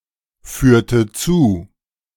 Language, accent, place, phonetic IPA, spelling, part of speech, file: German, Germany, Berlin, [ˌfyːɐ̯tə ˈt͡suː], führte zu, verb, De-führte zu.ogg
- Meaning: inflection of zuführen: 1. first/third-person singular preterite 2. first/third-person singular subjunctive II